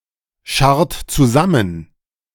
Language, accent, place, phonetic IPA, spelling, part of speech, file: German, Germany, Berlin, [ˌʃaʁt t͡suˈzamən], scharrt zusammen, verb, De-scharrt zusammen.ogg
- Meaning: inflection of zusammenscharren: 1. second-person plural present 2. third-person singular present 3. plural imperative